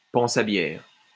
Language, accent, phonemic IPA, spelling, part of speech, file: French, France, /pɑ̃.s‿a bjɛʁ/, panse à bière, noun, LL-Q150 (fra)-panse à bière.wav
- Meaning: beer belly, beer gut, beer muscles